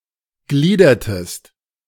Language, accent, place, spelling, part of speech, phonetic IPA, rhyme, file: German, Germany, Berlin, gliedertest, verb, [ˈɡliːdɐtəst], -iːdɐtəst, De-gliedertest.ogg
- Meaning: inflection of gliedern: 1. second-person singular preterite 2. second-person singular subjunctive II